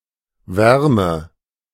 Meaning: 1. warmth 2. heat
- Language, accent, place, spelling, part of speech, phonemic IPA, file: German, Germany, Berlin, Wärme, noun, /ˈvɛʁmə/, De-Wärme.ogg